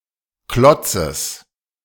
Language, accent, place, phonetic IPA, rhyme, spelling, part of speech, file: German, Germany, Berlin, [ˈklɔt͡səs], -ɔt͡səs, Klotzes, noun, De-Klotzes.ogg
- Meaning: genitive singular of Klotz